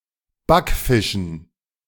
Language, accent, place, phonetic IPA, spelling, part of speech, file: German, Germany, Berlin, [ˈbakˌfɪʃn̩], Backfischen, noun, De-Backfischen.ogg
- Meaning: dative plural of Backfisch